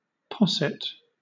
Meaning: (noun) 1. A beverage composed of hot milk curdled by some strong infusion, such as wine 2. A baby's vomit, comprising curdled milk
- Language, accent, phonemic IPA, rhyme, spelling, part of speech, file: English, Southern England, /ˈpɒsɪt/, -ɒsɪt, posset, noun / verb, LL-Q1860 (eng)-posset.wav